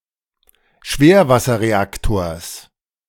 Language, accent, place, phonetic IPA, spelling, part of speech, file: German, Germany, Berlin, [ˈʃveːɐ̯vasɐʁeˌaktoːɐ̯s], Schwerwasserreaktors, noun, De-Schwerwasserreaktors.ogg
- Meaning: genitive singular of Schwerwasserreaktor